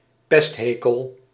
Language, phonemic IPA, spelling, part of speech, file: Dutch, /ˈpɛsthekəl/, pesthekel, noun, Nl-pesthekel.ogg
- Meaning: an intense hatred or dislike